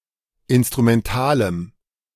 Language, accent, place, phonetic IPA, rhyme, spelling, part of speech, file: German, Germany, Berlin, [ˌɪnstʁumɛnˈtaːləm], -aːləm, instrumentalem, adjective, De-instrumentalem.ogg
- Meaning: strong dative masculine/neuter singular of instrumental